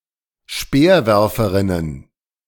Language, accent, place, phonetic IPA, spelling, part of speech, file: German, Germany, Berlin, [ˈʃpeːɐ̯ˌvɛʁfəʁɪnən], Speerwerferinnen, noun, De-Speerwerferinnen.ogg
- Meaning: plural of Speerwerferin